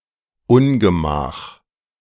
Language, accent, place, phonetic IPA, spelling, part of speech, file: German, Germany, Berlin, [ˈʊnɡəˌmaːx], Ungemach, noun, De-Ungemach.ogg
- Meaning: 1. hardship 2. adversity, ill